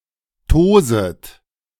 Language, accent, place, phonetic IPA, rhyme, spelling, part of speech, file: German, Germany, Berlin, [ˈtoːzət], -oːzət, toset, verb, De-toset.ogg
- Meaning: second-person plural subjunctive I of tosen